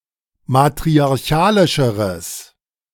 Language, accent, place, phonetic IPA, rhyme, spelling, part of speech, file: German, Germany, Berlin, [matʁiaʁˈçaːlɪʃəʁəs], -aːlɪʃəʁəs, matriarchalischeres, adjective, De-matriarchalischeres.ogg
- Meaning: strong/mixed nominative/accusative neuter singular comparative degree of matriarchalisch